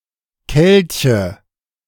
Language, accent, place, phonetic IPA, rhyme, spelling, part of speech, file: German, Germany, Berlin, [ˈkɛlçə], -ɛlçə, Kelche, noun, De-Kelche.ogg
- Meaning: nominative/accusative/genitive plural of Kelch